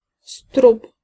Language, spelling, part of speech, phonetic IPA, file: Polish, strup, noun, [strup], Pl-strup.ogg